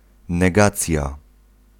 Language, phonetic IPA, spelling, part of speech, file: Polish, [nɛˈɡat͡sʲja], negacja, noun, Pl-negacja.ogg